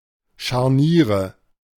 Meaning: nominative/accusative/genitive plural of Scharnier
- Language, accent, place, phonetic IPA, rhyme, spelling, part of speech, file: German, Germany, Berlin, [ʃaʁˈniːʁə], -iːʁə, Scharniere, noun, De-Scharniere.ogg